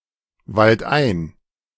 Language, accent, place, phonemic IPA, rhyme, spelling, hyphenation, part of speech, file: German, Germany, Berlin, /ˌvaltˈʔaɪ̯n/, -aɪ̯n, waldein, wald‧ein, adverb, De-waldein.ogg
- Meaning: into the woods, into the or a forest